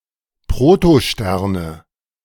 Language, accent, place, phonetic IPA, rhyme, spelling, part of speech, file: German, Germany, Berlin, [pʁotoˈʃtɛʁnə], -ɛʁnə, Protosterne, noun, De-Protosterne.ogg
- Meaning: nominative/accusative/genitive plural of Protostern